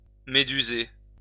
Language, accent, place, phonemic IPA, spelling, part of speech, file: French, France, Lyon, /me.dy.ze/, méduser, verb, LL-Q150 (fra)-méduser.wav
- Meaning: to dumbfound, stupefy